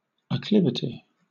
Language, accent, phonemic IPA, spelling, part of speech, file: English, Southern England, /əˈklɪv.ə.ti/, acclivity, noun, LL-Q1860 (eng)-acclivity.wav
- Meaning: A slope or inclination of the earth, as the side of a hill, considered as ascending, in opposition to declivity, or descending; an upward slope; ascent